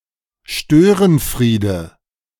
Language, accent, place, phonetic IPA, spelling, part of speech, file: German, Germany, Berlin, [ˈʃtøːʁənˌfʁiːdə], Störenfriede, noun, De-Störenfriede.ogg
- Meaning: nominative/accusative/genitive plural of Störenfried